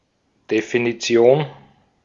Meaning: definition
- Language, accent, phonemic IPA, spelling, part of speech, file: German, Austria, /definiˈtsjoːn/, Definition, noun, De-at-Definition.ogg